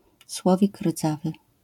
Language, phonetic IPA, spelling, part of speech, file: Polish, [ˈswɔvʲik ˈrd͡zavɨ], słowik rdzawy, noun, LL-Q809 (pol)-słowik rdzawy.wav